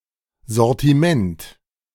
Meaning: range (the entirety or a particular grouping of the articles produced by a company or sold by a shop)
- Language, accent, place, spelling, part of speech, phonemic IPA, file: German, Germany, Berlin, Sortiment, noun, /ˌzɔʁtiˈmɛnt/, De-Sortiment.ogg